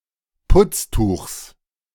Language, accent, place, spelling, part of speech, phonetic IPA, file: German, Germany, Berlin, Putztuchs, noun, [ˈpʊt͡sˌtuːxs], De-Putztuchs.ogg
- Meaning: genitive singular of Putztuch